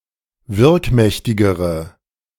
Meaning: inflection of wirkmächtig: 1. strong/mixed nominative/accusative feminine singular comparative degree 2. strong nominative/accusative plural comparative degree
- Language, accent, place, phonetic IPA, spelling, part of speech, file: German, Germany, Berlin, [ˈvɪʁkˌmɛçtɪɡəʁə], wirkmächtigere, adjective, De-wirkmächtigere.ogg